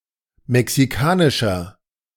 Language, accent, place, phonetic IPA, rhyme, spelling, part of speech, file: German, Germany, Berlin, [mɛksiˈkaːnɪʃɐ], -aːnɪʃɐ, mexikanischer, adjective, De-mexikanischer.ogg
- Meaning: 1. comparative degree of mexikanisch 2. inflection of mexikanisch: strong/mixed nominative masculine singular 3. inflection of mexikanisch: strong genitive/dative feminine singular